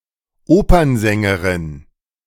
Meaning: female equivalent of Opernsänger
- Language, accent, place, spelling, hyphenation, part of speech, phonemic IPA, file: German, Germany, Berlin, Opernsängerin, Opern‧sän‧ge‧rin, noun, /ˈoːpɐnˌzɛŋɡəʁɪn/, De-Opernsängerin.ogg